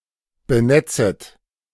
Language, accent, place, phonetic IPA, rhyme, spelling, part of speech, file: German, Germany, Berlin, [bəˈnɛt͡sət], -ɛt͡sət, benetzet, verb, De-benetzet.ogg
- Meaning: second-person plural subjunctive I of benetzen